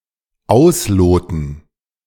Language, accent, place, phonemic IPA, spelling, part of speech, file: German, Germany, Berlin, /ˈaʊ̯sˌloːtn̩/, ausloten, verb, De-ausloten.ogg
- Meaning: 1. to measure water depth (primarily with a plummet) 2. to measure vertical height (primarily with a plummet)